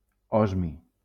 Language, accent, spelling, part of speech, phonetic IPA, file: Catalan, Valencia, osmi, noun, [ˈɔz.mi], LL-Q7026 (cat)-osmi.wav
- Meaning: osmium